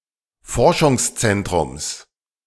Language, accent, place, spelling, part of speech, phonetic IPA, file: German, Germany, Berlin, Forschungszentrums, noun, [ˈfɔʁʃʊŋsˌt͡sɛntʁʊms], De-Forschungszentrums.ogg
- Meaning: genitive singular of Forschungszentrum